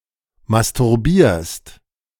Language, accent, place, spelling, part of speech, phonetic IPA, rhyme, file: German, Germany, Berlin, masturbierst, verb, [mastʊʁˈbiːɐ̯st], -iːɐ̯st, De-masturbierst.ogg
- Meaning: second-person singular present of masturbieren